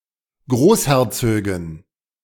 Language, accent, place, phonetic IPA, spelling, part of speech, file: German, Germany, Berlin, [ˈɡʁoːsˌhɛʁt͡søːɡn̩], Großherzögen, noun, De-Großherzögen.ogg
- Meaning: dative plural of Großherzog